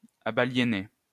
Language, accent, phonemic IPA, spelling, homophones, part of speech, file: French, France, /a.ba.lje.ne/, abaliénez, abaliénai / abaliéné / abaliénée / abaliénées / abaliéner / abaliénés, verb, LL-Q150 (fra)-abaliénez.wav
- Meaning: inflection of abaliéner: 1. second-person plural present indicative 2. second-person plural imperative